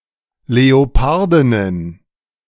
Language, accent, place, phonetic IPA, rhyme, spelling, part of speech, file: German, Germany, Berlin, [leoˈpaʁdɪnən], -aʁdɪnən, Leopardinnen, noun, De-Leopardinnen.ogg
- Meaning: plural of Leopardin